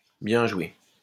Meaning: well done! way to go! good job! good show!
- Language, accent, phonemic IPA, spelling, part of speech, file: French, France, /bjɛ̃ ʒwe/, bien joué, interjection, LL-Q150 (fra)-bien joué.wav